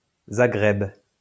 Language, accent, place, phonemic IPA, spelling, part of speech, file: French, France, Lyon, /za.ɡʁɛb/, Zagreb, proper noun, LL-Q150 (fra)-Zagreb.wav
- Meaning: Zagreb (the capital and largest city of Croatia)